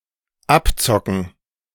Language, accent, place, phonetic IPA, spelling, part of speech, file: German, Germany, Berlin, [ˈapˌt͡sɔkn̩], Abzocken, noun, De-Abzocken.ogg
- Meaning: 1. gerund of abzocken 2. plural of Abzocke